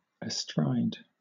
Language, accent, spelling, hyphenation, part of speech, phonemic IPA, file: English, Southern England, astride, a‧stride, adverb / preposition, /əˈstɹaɪ̯d/, LL-Q1860 (eng)-astride.wav
- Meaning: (adverb) With one’s legs on either side; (preposition) 1. With one’s legs on either side of 2. Extending across (something)